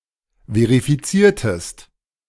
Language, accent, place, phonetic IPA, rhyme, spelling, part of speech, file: German, Germany, Berlin, [ˌveʁifiˈt͡siːɐ̯təst], -iːɐ̯təst, verifiziertest, verb, De-verifiziertest.ogg
- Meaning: inflection of verifizieren: 1. second-person singular preterite 2. second-person singular subjunctive II